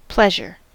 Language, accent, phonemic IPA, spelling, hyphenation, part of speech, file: English, US, /ˈplɛʒɚ/, pleasure, pleas‧ure, noun / interjection / verb, En-us-pleasure.ogg
- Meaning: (noun) 1. A state of being pleased or contented; gratification 2. A person, thing or action that causes enjoyment 3. Sexual enjoyment 4. One's preference